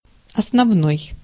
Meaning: 1. basic, fundamental, main, primary, principal, cardinal 2. basic
- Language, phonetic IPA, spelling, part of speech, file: Russian, [ɐsnɐvˈnoj], основной, adjective, Ru-основной.ogg